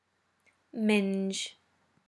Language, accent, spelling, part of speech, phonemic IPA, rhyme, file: English, UK, minge, noun / verb, /mɪnd͡ʒ/, -ɪnd͡ʒ, En-uk-minge.ogg
- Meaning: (noun) 1. The pubic hair and vulva 2. Synonym of midge (“small biting fly”); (verb) Synonym of ming (“to mix”)